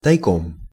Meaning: on the sly, secretly
- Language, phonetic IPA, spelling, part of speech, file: Russian, [tɐjˈkom], тайком, adverb, Ru-тайком.ogg